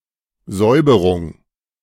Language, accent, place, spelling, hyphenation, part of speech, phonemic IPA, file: German, Germany, Berlin, Säuberung, Säu‧be‧rung, noun, /ˈzɔʏ̯bəʁʊŋ/, De-Säuberung.ogg
- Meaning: 1. purge, cleansing, cleanup 2. purge, cleansing